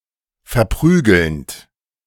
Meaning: present participle of verprügeln
- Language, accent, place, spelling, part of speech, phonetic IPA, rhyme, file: German, Germany, Berlin, verprügelnd, verb, [fɛɐ̯ˈpʁyːɡl̩nt], -yːɡl̩nt, De-verprügelnd.ogg